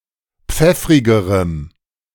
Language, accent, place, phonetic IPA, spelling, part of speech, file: German, Germany, Berlin, [ˈp͡fɛfʁɪɡəʁəm], pfeffrigerem, adjective, De-pfeffrigerem.ogg
- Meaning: strong dative masculine/neuter singular comparative degree of pfeffrig